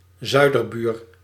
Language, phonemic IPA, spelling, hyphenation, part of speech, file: Dutch, /ˈzœy̯.dərˌbyːr/, zuiderbuur, zui‧der‧buur, noun, Nl-zuiderbuur.ogg
- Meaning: 1. a neighbouring country to the south 2. an inhabitant or national of a southern neighbouring country